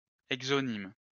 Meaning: exonym (a name given to a group or category of people by a secondary person or persons other than the people it refers to)
- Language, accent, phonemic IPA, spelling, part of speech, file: French, France, /ɛɡ.zɔ.nim/, exonyme, noun, LL-Q150 (fra)-exonyme.wav